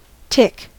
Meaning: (noun) 1. A tiny woodland arachnid of the suborder Ixodida 2. A relatively quiet but sharp sound generally made repeatedly by moving machinery
- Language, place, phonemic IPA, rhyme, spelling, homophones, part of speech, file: English, California, /tɪk/, -ɪk, tick, tic, noun / verb, En-us-tick.ogg